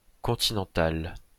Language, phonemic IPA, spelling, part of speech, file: French, /kɔ̃.ti.nɑ̃.tal/, continental, adjective, LL-Q150 (fra)-continental.wav
- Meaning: continental